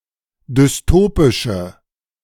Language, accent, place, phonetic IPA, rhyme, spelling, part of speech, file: German, Germany, Berlin, [dʏsˈtoːpɪʃə], -oːpɪʃə, dystopische, adjective, De-dystopische.ogg
- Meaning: inflection of dystopisch: 1. strong/mixed nominative/accusative feminine singular 2. strong nominative/accusative plural 3. weak nominative all-gender singular